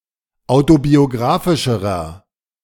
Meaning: inflection of autobiographisch: 1. strong/mixed nominative masculine singular comparative degree 2. strong genitive/dative feminine singular comparative degree
- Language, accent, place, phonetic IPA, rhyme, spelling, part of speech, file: German, Germany, Berlin, [ˌaʊ̯tobioˈɡʁaːfɪʃəʁɐ], -aːfɪʃəʁɐ, autobiographischerer, adjective, De-autobiographischerer.ogg